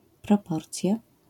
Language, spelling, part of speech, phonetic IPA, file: Polish, proporcja, noun, [prɔˈpɔrt͡sʲja], LL-Q809 (pol)-proporcja.wav